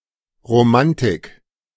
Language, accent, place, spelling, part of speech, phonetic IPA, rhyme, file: German, Germany, Berlin, Romantik, noun, [ʁoˈmantɪk], -antɪk, De-Romantik.ogg
- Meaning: romanticism